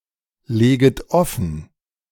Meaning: second-person plural subjunctive I of offenlegen
- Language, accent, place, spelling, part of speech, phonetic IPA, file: German, Germany, Berlin, leget offen, verb, [ˌleːɡət ˈɔfn̩], De-leget offen.ogg